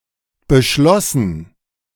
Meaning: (verb) past participle of beschließen; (adjective) decided, agreed; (verb) first/third-person plural preterite of beschließen
- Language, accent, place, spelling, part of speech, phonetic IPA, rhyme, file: German, Germany, Berlin, beschlossen, adjective / verb, [bəˈʃlɔsn̩], -ɔsn̩, De-beschlossen.ogg